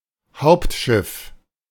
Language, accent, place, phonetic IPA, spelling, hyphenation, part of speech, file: German, Germany, Berlin, [ˈhaʊ̯ptˌʃɪf], Hauptschiff, Haupt‧schiff, noun, De-Hauptschiff.ogg
- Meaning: central aisle